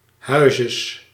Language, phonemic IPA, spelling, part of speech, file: Dutch, /ˈhœyzəs/, huizes, noun, Nl-huizes.ogg
- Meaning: genitive singular of huis